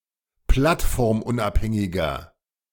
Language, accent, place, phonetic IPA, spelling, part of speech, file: German, Germany, Berlin, [ˈplatfɔʁmˌʔʊnʔaphɛŋɪɡɐ], plattformunabhängiger, adjective, De-plattformunabhängiger.ogg
- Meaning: 1. comparative degree of plattformunabhängig 2. inflection of plattformunabhängig: strong/mixed nominative masculine singular